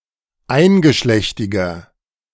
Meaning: inflection of eingeschlechtig: 1. strong/mixed nominative masculine singular 2. strong genitive/dative feminine singular 3. strong genitive plural
- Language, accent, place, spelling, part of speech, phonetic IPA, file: German, Germany, Berlin, eingeschlechtiger, adjective, [ˈaɪ̯nɡəˌʃlɛçtɪɡɐ], De-eingeschlechtiger.ogg